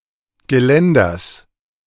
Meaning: genitive singular of Geländer
- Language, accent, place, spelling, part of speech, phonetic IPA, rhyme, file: German, Germany, Berlin, Geländers, noun, [ɡəˈlɛndɐs], -ɛndɐs, De-Geländers.ogg